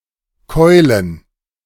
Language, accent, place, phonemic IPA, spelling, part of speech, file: German, Germany, Berlin, /ˈkɔɪ̯lən/, keulen, verb, De-keulen.ogg
- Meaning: 1. to cull 2. to hit with a club or as if by one